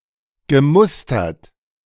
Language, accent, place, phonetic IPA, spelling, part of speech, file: German, Germany, Berlin, [ɡəˈmʊstɐt], gemustert, verb, De-gemustert.ogg
- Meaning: past participle of mustern